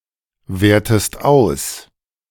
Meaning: inflection of auswerten: 1. second-person singular present 2. second-person singular subjunctive I
- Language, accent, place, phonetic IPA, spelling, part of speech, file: German, Germany, Berlin, [ˌveːɐ̯təst ˈaʊ̯s], wertest aus, verb, De-wertest aus.ogg